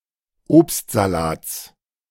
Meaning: genitive singular of Obstsalat
- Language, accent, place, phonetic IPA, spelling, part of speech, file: German, Germany, Berlin, [ˈoːpstzaˌlaːt͡s], Obstsalats, noun, De-Obstsalats.ogg